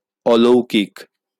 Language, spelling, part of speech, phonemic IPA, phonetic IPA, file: Bengali, অলৌকিক, adjective, /ɔlou̯kik/, [ˈɔlou̯kik], LL-Q9610 (ben)-অলৌকিক.wav
- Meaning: extraordinary, miraculous, unworldly, spectacular, remarkable